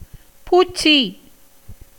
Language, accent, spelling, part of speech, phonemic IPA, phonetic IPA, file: Tamil, India, பூச்சி, noun, /puːtʃtʃiː/, [puːssiː], Ta-பூச்சி.ogg
- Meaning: 1. insect, beetle, worm, bug 2. intestinal worms; worms in the intestines 3. small reptile 4. word meaning hobgoblin, used either to frighten or make children laugh